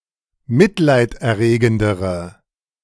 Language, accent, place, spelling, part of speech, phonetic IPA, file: German, Germany, Berlin, mitleiderregendere, adjective, [ˈmɪtlaɪ̯tʔɛɐ̯ˌʁeːɡn̩dəʁə], De-mitleiderregendere.ogg
- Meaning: inflection of mitleiderregend: 1. strong/mixed nominative/accusative feminine singular comparative degree 2. strong nominative/accusative plural comparative degree